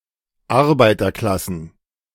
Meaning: plural of Arbeiterklasse
- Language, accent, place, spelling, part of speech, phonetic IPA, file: German, Germany, Berlin, Arbeiterklassen, noun, [ˈaʁbaɪ̯tɐˌklasn̩], De-Arbeiterklassen.ogg